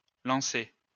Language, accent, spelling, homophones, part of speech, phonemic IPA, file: French, France, lançai, lancé / lancée / lancées / lancer / lancés / lancez, verb, /lɑ̃.se/, LL-Q150 (fra)-lançai.wav
- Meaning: first-person singular past historic of lancer